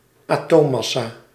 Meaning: atomic mass
- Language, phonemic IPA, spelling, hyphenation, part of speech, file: Dutch, /ɑˈtoːˌmɑsaː/, atoommassa, atoom‧mas‧sa, noun, Nl-atoommassa.ogg